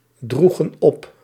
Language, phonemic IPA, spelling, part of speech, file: Dutch, /ˈdruɣə(n) ˈɔp/, droegen op, verb, Nl-droegen op.ogg
- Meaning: inflection of opdragen: 1. plural past indicative 2. plural past subjunctive